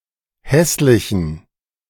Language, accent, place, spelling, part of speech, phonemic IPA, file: German, Germany, Berlin, hässlichen, adjective, /ˈhɛslɪçən/, De-hässlichen.ogg
- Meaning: inflection of hässlich: 1. strong genitive masculine/neuter singular 2. weak/mixed genitive/dative all-gender singular 3. strong/weak/mixed accusative masculine singular 4. strong dative plural